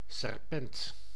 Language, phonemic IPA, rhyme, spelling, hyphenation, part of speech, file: Dutch, /sɛrˈpɛnt/, -ɛnt, serpent, ser‧pent, noun, Nl-serpent.ogg
- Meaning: 1. snake 2. serpent, serpentine dragon, large snake 3. an unpleasant, spiteful or foulmouthed person, especially used of women 4. serpent (wind instrument)